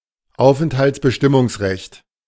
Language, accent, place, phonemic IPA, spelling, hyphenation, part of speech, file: German, Germany, Berlin, /ˈaʊ̯fn̩thalt͡sbəˌʃtɪmʊŋsʁɛçt/, Aufenthaltsbestimmungsrecht, Auf‧ent‧halts‧be‧stim‧mungs‧recht, noun, De-Aufenthaltsbestimmungsrecht.ogg
- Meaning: "residence determination right"; (i.e. physical custody of a child)